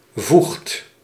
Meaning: inflection of voegen: 1. second/third-person singular present indicative 2. plural imperative
- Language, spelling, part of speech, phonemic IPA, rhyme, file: Dutch, voegt, verb, /vuxt/, -uxt, Nl-voegt.ogg